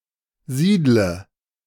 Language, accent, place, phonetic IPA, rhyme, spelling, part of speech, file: German, Germany, Berlin, [ˈziːdlə], -iːdlə, siedle, verb, De-siedle.ogg
- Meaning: inflection of siedeln: 1. first-person singular present 2. singular imperative 3. first/third-person singular subjunctive I